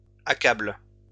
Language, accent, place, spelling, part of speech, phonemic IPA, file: French, France, Lyon, accablent, verb, /a.kabl/, LL-Q150 (fra)-accablent.wav
- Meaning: third-person plural present indicative/subjunctive of accabler